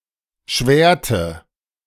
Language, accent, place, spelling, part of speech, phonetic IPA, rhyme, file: German, Germany, Berlin, schwärte, verb, [ˈʃvɛːɐ̯tə], -ɛːɐ̯tə, De-schwärte.ogg
- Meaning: inflection of schwären: 1. first/third-person singular preterite 2. first/third-person singular subjunctive II